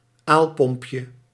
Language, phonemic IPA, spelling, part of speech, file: Dutch, /ˈalpɔmpjə/, aalpompje, noun, Nl-aalpompje.ogg
- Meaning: diminutive of aalpomp